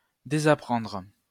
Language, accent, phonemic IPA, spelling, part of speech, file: French, France, /de.za.pʁɑ̃dʁ/, désapprendre, verb, LL-Q150 (fra)-désapprendre.wav
- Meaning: to unlearn; to break a habit